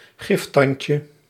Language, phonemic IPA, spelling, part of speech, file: Dutch, /ˈɣɪftɑɲcə/, giftandje, noun, Nl-giftandje.ogg
- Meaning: diminutive of giftand